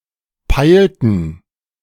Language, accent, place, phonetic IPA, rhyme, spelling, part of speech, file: German, Germany, Berlin, [ˈpaɪ̯ltn̩], -aɪ̯ltn̩, peilten, verb, De-peilten.ogg
- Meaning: inflection of peilen: 1. first/third-person plural preterite 2. first/third-person plural subjunctive II